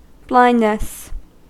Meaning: 1. The condition of being blind; unable to see 2. Want of intellectual or moral discernment; mental darkness; ignorance, heedlessness 3. concealment
- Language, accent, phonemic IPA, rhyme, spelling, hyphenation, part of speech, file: English, US, /ˈblaɪndnəs/, -aɪndnəs, blindness, blind‧ness, noun, En-us-blindness.ogg